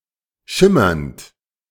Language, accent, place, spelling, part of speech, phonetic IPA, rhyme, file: German, Germany, Berlin, schimmernd, verb, [ˈʃɪmɐnt], -ɪmɐnt, De-schimmernd.ogg
- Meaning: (verb) present participle of schimmern; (adjective) shimmering, gleaming, lustrous, iridescent